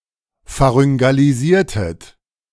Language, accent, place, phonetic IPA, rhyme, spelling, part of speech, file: German, Germany, Berlin, [faʁʏŋɡaliˈziːɐ̯tət], -iːɐ̯tət, pharyngalisiertet, verb, De-pharyngalisiertet.ogg
- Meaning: inflection of pharyngalisieren: 1. second-person plural preterite 2. second-person plural subjunctive II